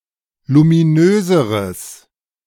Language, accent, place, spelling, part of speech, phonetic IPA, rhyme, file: German, Germany, Berlin, luminöseres, adjective, [lumiˈnøːzəʁəs], -øːzəʁəs, De-luminöseres.ogg
- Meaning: strong/mixed nominative/accusative neuter singular comparative degree of luminös